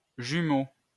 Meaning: twin
- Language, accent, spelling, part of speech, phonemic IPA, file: French, France, jumeau, noun, /ʒy.mo/, LL-Q150 (fra)-jumeau.wav